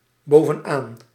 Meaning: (preposition) at the top of; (adverb) at the top
- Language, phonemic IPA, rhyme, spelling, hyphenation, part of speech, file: Dutch, /ˌboː.və(n)ˈaːn/, -aːn, bovenaan, bo‧ven‧aan, preposition / adverb, Nl-bovenaan.ogg